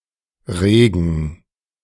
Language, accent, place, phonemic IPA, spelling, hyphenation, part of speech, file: German, Germany, Berlin, /ˈʁeːɡən/, Regen, Re‧gen, noun / proper noun, De-Regen3.ogg
- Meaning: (noun) rain; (proper noun) 1. a river in Bavaria 2. a town and rural district of the Lower Bavaria region, Bavaria, Germany 3. a surname transferred from the place name